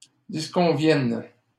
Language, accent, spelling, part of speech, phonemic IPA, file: French, Canada, disconvienne, verb, /dis.kɔ̃.vjɛn/, LL-Q150 (fra)-disconvienne.wav
- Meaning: first/third-person singular present subjunctive of disconvenir